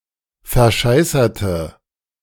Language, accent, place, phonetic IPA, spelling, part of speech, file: German, Germany, Berlin, [fɛɐ̯ˈʃaɪ̯sɐtə], verscheißerte, adjective / verb, De-verscheißerte.ogg
- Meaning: inflection of verscheißern: 1. first/third-person singular preterite 2. first/third-person singular subjunctive II